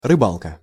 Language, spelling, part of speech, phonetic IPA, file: Russian, рыбалка, noun, [rɨˈbaɫkə], Ru-рыбалка.ogg
- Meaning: 1. fishing trip 2. someone who fishes 3. a bird that eats fish